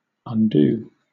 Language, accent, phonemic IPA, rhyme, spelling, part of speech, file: English, Southern England, /ʌnˈduː/, -uː, undo, verb / noun / adjective, LL-Q1860 (eng)-undo.wav
- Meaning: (verb) 1. To reverse the effects of an action 2. To unfasten 3. To unfasten the clothing of (a person) 4. To impoverish or ruin, as in reputation; to cause the downfall of